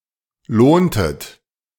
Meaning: inflection of lohnen: 1. second-person plural preterite 2. second-person plural subjunctive II
- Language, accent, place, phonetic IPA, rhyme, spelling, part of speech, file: German, Germany, Berlin, [ˈloːntət], -oːntət, lohntet, verb, De-lohntet.ogg